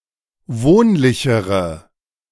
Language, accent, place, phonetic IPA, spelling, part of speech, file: German, Germany, Berlin, [ˈvoːnlɪçəʁə], wohnlichere, adjective, De-wohnlichere.ogg
- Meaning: inflection of wohnlich: 1. strong/mixed nominative/accusative feminine singular comparative degree 2. strong nominative/accusative plural comparative degree